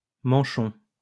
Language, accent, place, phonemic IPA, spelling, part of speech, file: French, France, Lyon, /mɑ̃.ʃɔ̃/, manchon, noun, LL-Q150 (fra)-manchon.wav
- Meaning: 1. muff (article of clothing) 2. snow gaiter 3. conserve (jam) of poultry wing 4. coupler 5. incandescent gauze, mantle